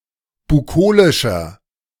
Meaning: 1. comparative degree of bukolisch 2. inflection of bukolisch: strong/mixed nominative masculine singular 3. inflection of bukolisch: strong genitive/dative feminine singular
- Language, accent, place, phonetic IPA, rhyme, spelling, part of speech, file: German, Germany, Berlin, [buˈkoːlɪʃɐ], -oːlɪʃɐ, bukolischer, adjective, De-bukolischer.ogg